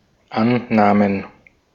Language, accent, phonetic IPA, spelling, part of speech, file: German, Austria, [ˈannaːmən], Annahmen, noun, De-at-Annahmen.ogg
- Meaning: plural of Annahme